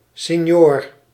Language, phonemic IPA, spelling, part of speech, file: Dutch, /sɪˈɲor/, sinjoor, noun, Nl-sinjoor.ogg
- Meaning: a "true Antwerpian", according to various definitions